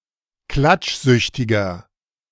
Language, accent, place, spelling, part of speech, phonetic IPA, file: German, Germany, Berlin, klatschsüchtiger, adjective, [ˈklat͡ʃˌzʏçtɪɡɐ], De-klatschsüchtiger.ogg
- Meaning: 1. comparative degree of klatschsüchtig 2. inflection of klatschsüchtig: strong/mixed nominative masculine singular 3. inflection of klatschsüchtig: strong genitive/dative feminine singular